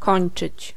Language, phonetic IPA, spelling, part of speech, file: Polish, [ˈkɔ̃j̃n͇t͡ʃɨt͡ɕ], kończyć, verb, Pl-kończyć.ogg